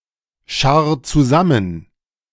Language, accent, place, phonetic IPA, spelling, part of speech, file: German, Germany, Berlin, [ˌʃaʁ t͡suˈzamən], scharr zusammen, verb, De-scharr zusammen.ogg
- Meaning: 1. singular imperative of zusammenscharren 2. first-person singular present of zusammenscharren